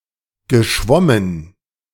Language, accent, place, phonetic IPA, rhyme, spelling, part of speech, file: German, Germany, Berlin, [ɡəˈʃvɔmən], -ɔmən, geschwommen, verb, De-geschwommen.ogg
- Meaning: past participle of schwimmen